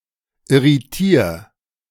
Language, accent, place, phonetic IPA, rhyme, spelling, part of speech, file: German, Germany, Berlin, [ɪʁiˈtiːɐ̯], -iːɐ̯, irritier, verb, De-irritier.ogg
- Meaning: 1. singular imperative of irritieren 2. first-person singular present of irritieren